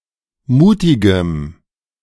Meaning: strong dative masculine/neuter singular of mutig
- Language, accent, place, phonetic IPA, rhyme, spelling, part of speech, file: German, Germany, Berlin, [ˈmuːtɪɡəm], -uːtɪɡəm, mutigem, adjective, De-mutigem.ogg